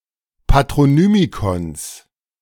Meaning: genitive singular of Patronymikon
- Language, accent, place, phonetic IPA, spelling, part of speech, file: German, Germany, Berlin, [patʁoˈnyːmikɔns], Patronymikons, noun, De-Patronymikons.ogg